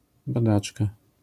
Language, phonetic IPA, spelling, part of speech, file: Polish, [baˈdat͡ʃka], badaczka, noun, LL-Q809 (pol)-badaczka.wav